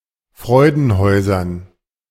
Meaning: dative plural of Freudenhaus
- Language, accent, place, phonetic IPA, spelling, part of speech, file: German, Germany, Berlin, [ˈfʁɔɪ̯dn̩ˌhɔɪ̯zɐn], Freudenhäusern, noun, De-Freudenhäusern.ogg